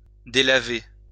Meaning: 1. to soak 2. to fade 3. to wash out
- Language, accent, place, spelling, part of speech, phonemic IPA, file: French, France, Lyon, délaver, verb, /de.la.ve/, LL-Q150 (fra)-délaver.wav